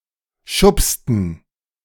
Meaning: inflection of schubsen: 1. first/third-person plural preterite 2. first/third-person plural subjunctive II
- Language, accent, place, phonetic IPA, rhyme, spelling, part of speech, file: German, Germany, Berlin, [ˈʃʊpstn̩], -ʊpstn̩, schubsten, verb, De-schubsten.ogg